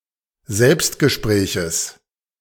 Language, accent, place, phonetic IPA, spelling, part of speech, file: German, Germany, Berlin, [ˈzɛlpstɡəˌʃpʁɛːçəs], Selbstgespräches, noun, De-Selbstgespräches.ogg
- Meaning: genitive of Selbstgespräch